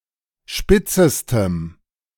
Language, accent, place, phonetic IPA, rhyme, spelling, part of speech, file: German, Germany, Berlin, [ˈʃpɪt͡səstəm], -ɪt͡səstəm, spitzestem, adjective, De-spitzestem.ogg
- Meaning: strong dative masculine/neuter singular superlative degree of spitz